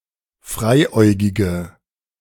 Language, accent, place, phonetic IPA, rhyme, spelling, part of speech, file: German, Germany, Berlin, [ˈfʁaɪ̯ˌʔɔɪ̯ɡɪɡə], -aɪ̯ʔɔɪ̯ɡɪɡə, freiäugige, adjective, De-freiäugige.ogg
- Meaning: inflection of freiäugig: 1. strong/mixed nominative/accusative feminine singular 2. strong nominative/accusative plural 3. weak nominative all-gender singular